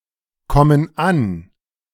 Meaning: inflection of ankommen: 1. first/third-person plural present 2. first/third-person plural subjunctive I
- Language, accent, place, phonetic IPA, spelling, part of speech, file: German, Germany, Berlin, [ˌkɔmən ˈan], kommen an, verb, De-kommen an.ogg